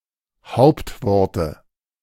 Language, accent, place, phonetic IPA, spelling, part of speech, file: German, Germany, Berlin, [ˈhaʊ̯ptvɔʁtə], Hauptworte, noun, De-Hauptworte.ogg
- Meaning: dative singular of Hauptwort